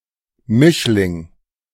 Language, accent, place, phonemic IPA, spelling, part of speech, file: German, Germany, Berlin, /ˈmɪʃlɪŋ/, Mischling, noun, De-Mischling.ogg
- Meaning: 1. hybrid 2. half-breed, breed (short form); person of mixed race 3. Mischling (one who is partly of Jewish descent)